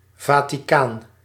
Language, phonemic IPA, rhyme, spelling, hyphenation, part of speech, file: Dutch, /vaː.tiˈkaːn/, -aːn, Vaticaan, Va‧ti‧caan, proper noun, Nl-Vaticaan.ogg
- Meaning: Vatican City (a city-state in Southern Europe, an enclave within the city of Rome, Italy)